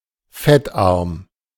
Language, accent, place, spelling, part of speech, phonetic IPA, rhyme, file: German, Germany, Berlin, fettarm, adjective, [ˈfɛtˌʔaʁm], -ɛtʔaʁm, De-fettarm.ogg
- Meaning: low-fat